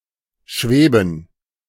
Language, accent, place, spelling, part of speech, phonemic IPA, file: German, Germany, Berlin, schweben, verb, /ˈʃveːbən/, De-schweben.ogg
- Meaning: to hover, soar, float, drift